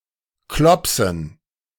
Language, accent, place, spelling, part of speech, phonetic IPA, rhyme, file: German, Germany, Berlin, Klopsen, noun, [ˈklɔpsn̩], -ɔpsn̩, De-Klopsen.ogg
- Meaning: dative plural of Klops